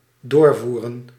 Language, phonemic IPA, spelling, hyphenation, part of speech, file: Dutch, /ˈdoːrˌvu.rə(n)/, doorvoeren, door‧voe‧ren, verb, Nl-doorvoeren.ogg
- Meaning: 1. to consistently apply 2. to carry out, to implement 3. to carry or transport further, to continue to transport 4. to import in order to reexport